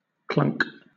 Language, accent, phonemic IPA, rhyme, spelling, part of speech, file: English, Southern England, /klʌŋk/, -ʌŋk, clunk, noun / verb, LL-Q1860 (eng)-clunk.wav
- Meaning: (noun) 1. A dull, metallic sound, especially one made by two bodies coming into contact 2. The sound of liquid coming out of a bottle, etc.; a glucking sound 3. dull; foolish; stupid or silly person